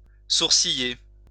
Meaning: to frown
- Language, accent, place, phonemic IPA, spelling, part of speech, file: French, France, Lyon, /suʁ.si.je/, sourciller, verb, LL-Q150 (fra)-sourciller.wav